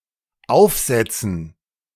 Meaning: dative plural of Aufsatz
- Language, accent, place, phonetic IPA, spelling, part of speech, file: German, Germany, Berlin, [ˈaʊ̯fˌzɛt͡sn̩], Aufsätzen, noun, De-Aufsätzen.ogg